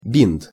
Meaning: bandage
- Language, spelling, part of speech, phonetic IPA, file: Russian, бинт, noun, [bʲint], Ru-бинт.ogg